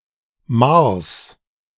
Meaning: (noun) genitive singular of Mahr
- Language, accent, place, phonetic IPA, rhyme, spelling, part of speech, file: German, Germany, Berlin, [maːɐ̯s], -aːɐ̯s, Mahrs, noun, De-Mahrs.ogg